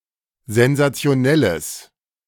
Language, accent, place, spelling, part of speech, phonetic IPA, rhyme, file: German, Germany, Berlin, sensationelles, adjective, [zɛnzat͡si̯oˈnɛləs], -ɛləs, De-sensationelles.ogg
- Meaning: strong/mixed nominative/accusative neuter singular of sensationell